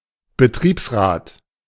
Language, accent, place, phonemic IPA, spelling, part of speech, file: German, Germany, Berlin, /bəˈtʁiːpsˌʁaːt/, Betriebsrat, noun, De-Betriebsrat.ogg
- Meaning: 1. works council 2. works councillor (member of a works council)